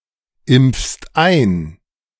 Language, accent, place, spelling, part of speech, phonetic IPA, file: German, Germany, Berlin, impfst ein, verb, [ˌɪmp͡fst ˈaɪ̯n], De-impfst ein.ogg
- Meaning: second-person singular present of einimpfen